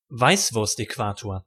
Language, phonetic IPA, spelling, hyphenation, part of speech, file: German, [ˈvaɪ̯svʊʁstʔɛˌkvaːtoːɐ̯], Weißwurstäquator, Weiß‧wurst‧äqua‧tor, noun, De-Weißwurstäquator.ogg
- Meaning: The perceived cultural border between Bavaria and the rest of Germany